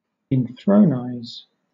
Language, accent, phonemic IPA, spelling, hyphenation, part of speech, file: English, Southern England, /ɪnˈθɹəʊnaɪz/, inthronize, in‧thron‧ize, verb, LL-Q1860 (eng)-inthronize.wav
- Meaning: To enthrone